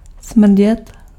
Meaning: to stink (to have a strong bad smell)
- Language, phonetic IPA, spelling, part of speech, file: Czech, [ˈsmr̩ɟɛt], smrdět, verb, Cs-smrdět.ogg